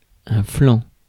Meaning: 1. side (of person); side, flank (of animal) 2. flank 3. side, slope (of mountain etc.) 4. flaunch
- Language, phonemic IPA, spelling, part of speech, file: French, /flɑ̃/, flanc, noun, Fr-flanc.ogg